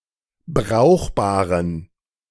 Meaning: inflection of brauchbar: 1. strong genitive masculine/neuter singular 2. weak/mixed genitive/dative all-gender singular 3. strong/weak/mixed accusative masculine singular 4. strong dative plural
- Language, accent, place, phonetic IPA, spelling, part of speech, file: German, Germany, Berlin, [ˈbʁaʊ̯xbaːʁən], brauchbaren, adjective, De-brauchbaren.ogg